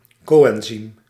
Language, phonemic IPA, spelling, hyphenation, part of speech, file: Dutch, /ˈkoː.ɛnˌzim/, co-enzym, co-en‧zym, noun, Nl-co-enzym.ogg
- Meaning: coenzyme